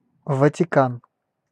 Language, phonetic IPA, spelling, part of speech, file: Russian, [vətʲɪˈkan], Ватикан, proper noun, Ru-Ватикан.ogg
- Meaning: Vatican City (a city-state in Southern Europe, an enclave within the city of Rome, Italy)